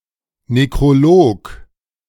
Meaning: obituary, necrology
- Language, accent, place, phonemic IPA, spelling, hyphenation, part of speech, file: German, Germany, Berlin, /nekʁoˈloːk/, Nekrolog, Ne‧kro‧log, noun, De-Nekrolog.ogg